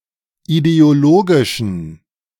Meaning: inflection of ideologisch: 1. strong genitive masculine/neuter singular 2. weak/mixed genitive/dative all-gender singular 3. strong/weak/mixed accusative masculine singular 4. strong dative plural
- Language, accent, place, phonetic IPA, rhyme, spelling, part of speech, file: German, Germany, Berlin, [ideoˈloːɡɪʃn̩], -oːɡɪʃn̩, ideologischen, adjective, De-ideologischen.ogg